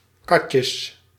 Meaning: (noun) plural of katje; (interjection) sic 'em
- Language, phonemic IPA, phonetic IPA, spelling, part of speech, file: Dutch, /ˈkɑ.tjəs/, [ˈkɑ.t͡ɕəɕ], katjes, noun / interjection, Nl-katjes.ogg